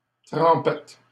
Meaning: 1. paddle, dip (brief excursion into the sea) 2. dip (sauce eaten with pieces of bread etc)
- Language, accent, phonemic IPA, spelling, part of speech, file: French, Canada, /tʁɑ̃.pɛt/, trempette, noun, LL-Q150 (fra)-trempette.wav